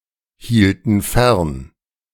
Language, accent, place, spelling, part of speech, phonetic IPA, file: German, Germany, Berlin, hielten fern, verb, [ˌhiːltn̩ ˈfɛʁn], De-hielten fern.ogg
- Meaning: inflection of fernhalten: 1. first/third-person plural preterite 2. first/third-person plural subjunctive II